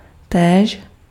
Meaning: too, also
- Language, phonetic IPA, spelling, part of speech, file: Czech, [ˈtɛːʃ], též, adverb, Cs-též.ogg